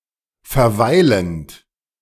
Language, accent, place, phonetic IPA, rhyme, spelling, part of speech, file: German, Germany, Berlin, [fɛɐ̯ˈvaɪ̯lənt], -aɪ̯lənt, verweilend, verb, De-verweilend.ogg
- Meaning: present participle of verweilen